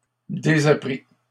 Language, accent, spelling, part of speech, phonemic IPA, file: French, Canada, désappris, verb, /de.za.pʁi/, LL-Q150 (fra)-désappris.wav
- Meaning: 1. past participle of désapprendre 2. first/second-person singular past historic of désapprendre